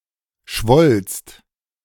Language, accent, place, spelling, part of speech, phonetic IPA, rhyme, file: German, Germany, Berlin, schwollst, verb, [ʃvɔlst], -ɔlst, De-schwollst.ogg
- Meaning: second-person singular preterite of schwellen